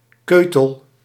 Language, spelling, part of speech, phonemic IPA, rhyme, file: Dutch, keutel, noun, /ˈkøː.təl/, -øːtəl, Nl-keutel.ogg
- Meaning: a small piece of hard (chiefly animal) feces